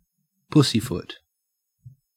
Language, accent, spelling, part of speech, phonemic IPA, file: English, Australia, pussyfoot, verb / noun, /ˈpʊsiˌfʊt/, En-au-pussyfoot.ogg
- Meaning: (verb) 1. To move silently, stealthily, or furtively 2. To act timidly or cautiously 3. To use euphemistic language or circumlocution; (noun) A teetotaller